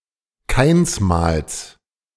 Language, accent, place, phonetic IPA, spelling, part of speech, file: German, Germany, Berlin, [ˈkaɪ̯nsˌmaːls], Kainsmals, noun, De-Kainsmals.ogg
- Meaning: genitive singular of Kainsmal